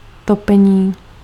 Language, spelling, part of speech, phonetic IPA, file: Czech, topení, noun, [ˈtopɛɲiː], Cs-topení.ogg
- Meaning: 1. verbal noun of topit 2. heating 3. radiator